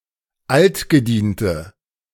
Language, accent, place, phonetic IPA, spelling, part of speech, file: German, Germany, Berlin, [ˈaltɡəˌdiːntə], altgediente, adjective, De-altgediente.ogg
- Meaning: inflection of altgedient: 1. strong/mixed nominative/accusative feminine singular 2. strong nominative/accusative plural 3. weak nominative all-gender singular